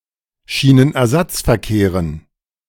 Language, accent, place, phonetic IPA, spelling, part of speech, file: German, Germany, Berlin, [ˌʃiːnənʔɛɐ̯ˈzat͡sfɛɐ̯ˌkeːʁən], Schienenersatzverkehren, noun, De-Schienenersatzverkehren.ogg
- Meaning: dative plural of Schienenersatzverkehr